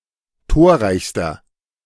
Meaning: inflection of torreich: 1. strong/mixed nominative masculine singular superlative degree 2. strong genitive/dative feminine singular superlative degree 3. strong genitive plural superlative degree
- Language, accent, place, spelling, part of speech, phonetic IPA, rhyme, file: German, Germany, Berlin, torreichster, adjective, [ˈtoːɐ̯ˌʁaɪ̯çstɐ], -oːɐ̯ʁaɪ̯çstɐ, De-torreichster.ogg